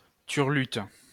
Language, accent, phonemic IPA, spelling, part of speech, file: French, France, /tyʁ.lyt/, turlute, noun / verb, LL-Q150 (fra)-turlute.wav
- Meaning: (noun) 1. a well-known refrain or folk song 2. fellatio, blowjob; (verb) inflection of turluter: 1. first/third-person singular present indicative/subjunctive 2. second-person singular imperative